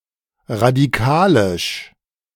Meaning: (adjective) involving radicals; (adverb) radically
- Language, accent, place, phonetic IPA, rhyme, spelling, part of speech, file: German, Germany, Berlin, [ʁadiˈkaːlɪʃ], -aːlɪʃ, radikalisch, adjective, De-radikalisch.ogg